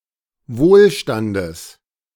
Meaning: genitive singular of Wohlstand
- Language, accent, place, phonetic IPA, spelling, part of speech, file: German, Germany, Berlin, [ˈvoːlˌʃtandəs], Wohlstandes, noun, De-Wohlstandes.ogg